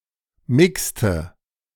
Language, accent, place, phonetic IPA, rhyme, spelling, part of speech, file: German, Germany, Berlin, [ˈmɪkstə], -ɪkstə, mixte, verb, De-mixte.ogg
- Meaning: inflection of mixen: 1. first/third-person singular preterite 2. first/third-person singular subjunctive II